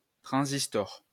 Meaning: 1. transistor 2. transistor radio
- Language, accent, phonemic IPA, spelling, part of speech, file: French, France, /tʁɑ̃.zis.tɔʁ/, transistor, noun, LL-Q150 (fra)-transistor.wav